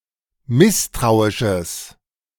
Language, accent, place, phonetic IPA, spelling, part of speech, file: German, Germany, Berlin, [ˈmɪstʁaʊ̯ɪʃəs], misstrauisches, adjective, De-misstrauisches.ogg
- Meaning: strong/mixed nominative/accusative neuter singular of misstrauisch